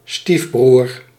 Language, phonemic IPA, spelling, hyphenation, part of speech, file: Dutch, /ˈstif.brur/, stiefbroer, stief‧broer, noun, Nl-stiefbroer.ogg
- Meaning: the son of one's stepparent who is not the son of either of one's biological parents